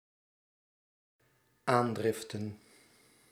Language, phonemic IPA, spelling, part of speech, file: Dutch, /ˈandrɪftə(n)/, aandriften, noun, Nl-aandriften.ogg
- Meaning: plural of aandrift